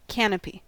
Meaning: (noun) 1. A high cover providing shelter, such as a cloth supported above an object, particularly over a bed 2. Any overhanging or projecting roof structure, typically over entrances or doors
- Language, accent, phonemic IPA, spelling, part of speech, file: English, US, /ˈkæ.nə.pi/, canopy, noun / verb, En-us-canopy.ogg